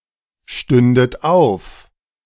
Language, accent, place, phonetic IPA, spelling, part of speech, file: German, Germany, Berlin, [ˌʃtʏndət ˈaʊ̯f], stündet auf, verb, De-stündet auf.ogg
- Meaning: second-person plural subjunctive II of aufstehen